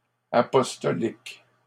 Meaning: plural of apostolique
- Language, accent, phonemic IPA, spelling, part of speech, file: French, Canada, /a.pɔs.tɔ.lik/, apostoliques, adjective, LL-Q150 (fra)-apostoliques.wav